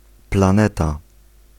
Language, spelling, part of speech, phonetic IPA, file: Polish, planeta, noun, [plãˈnɛta], Pl-planeta.ogg